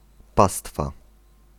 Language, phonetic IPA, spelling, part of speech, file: Polish, [ˈpastfa], pastwa, noun, Pl-pastwa.ogg